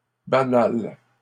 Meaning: feminine plural of banal
- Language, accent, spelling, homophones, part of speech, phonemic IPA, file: French, Canada, banales, banal / banale / banals, adjective, /ba.nal/, LL-Q150 (fra)-banales.wav